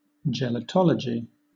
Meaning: The study of humour and laughter, and its effects on the body
- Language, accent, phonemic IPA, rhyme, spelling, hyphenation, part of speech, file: English, Southern England, /ˌd͡ʒɛləˈtɒləd͡ʒi/, -ɒlədʒi, gelotology, ge‧lo‧to‧logy, noun, LL-Q1860 (eng)-gelotology.wav